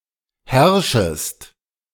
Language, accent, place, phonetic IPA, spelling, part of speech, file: German, Germany, Berlin, [ˈhɛʁʃəst], herrschest, verb, De-herrschest.ogg
- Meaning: second-person singular subjunctive I of herrschen